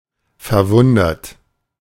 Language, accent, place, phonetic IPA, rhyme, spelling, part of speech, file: German, Germany, Berlin, [fɛɐ̯ˈvʊndɐt], -ʊndɐt, verwundert, verb, De-verwundert.ogg
- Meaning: 1. past participle of verwundern 2. inflection of verwundern: third-person singular present 3. inflection of verwundern: second-person plural present 4. inflection of verwundern: plural imperative